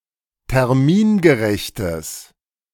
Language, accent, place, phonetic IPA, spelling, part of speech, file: German, Germany, Berlin, [tɛʁˈmiːnɡəˌʁɛçtəs], termingerechtes, adjective, De-termingerechtes.ogg
- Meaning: strong/mixed nominative/accusative neuter singular of termingerecht